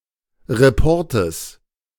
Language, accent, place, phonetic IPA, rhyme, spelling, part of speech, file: German, Germany, Berlin, [ʁeˈpɔʁtəs], -ɔʁtəs, Reportes, noun, De-Reportes.ogg
- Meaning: genitive singular of Report